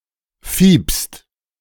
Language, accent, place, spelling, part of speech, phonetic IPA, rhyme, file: German, Germany, Berlin, fiepst, verb, [fiːpst], -iːpst, De-fiepst.ogg
- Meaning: second-person singular present of fiepen